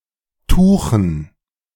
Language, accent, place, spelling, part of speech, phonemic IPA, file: German, Germany, Berlin, tuchen, adjective / verb, /ˈtuːχn̩/, De-tuchen.ogg
- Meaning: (adjective) cloth; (verb) 1. to make (cloth) 2. to fold (cloth sails)